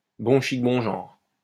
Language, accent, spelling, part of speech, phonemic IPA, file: French, France, bon chic bon genre, adjective / noun, /bɔ̃ ʃik bɔ̃ ʒɑ̃ʁ/, LL-Q150 (fra)-bon chic bon genre.wav
- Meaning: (adjective) posh, bourgeois; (noun) taste, style